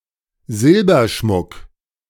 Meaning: silver jewellery / ornament
- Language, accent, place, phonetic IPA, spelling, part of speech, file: German, Germany, Berlin, [ˈzɪlbɐˌʃmʊk], Silberschmuck, noun, De-Silberschmuck.ogg